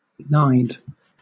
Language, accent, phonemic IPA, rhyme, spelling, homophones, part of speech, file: English, Southern England, /naɪd/, -aɪd, nide, gnide, noun, LL-Q1860 (eng)-nide.wav
- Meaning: A nest of pheasants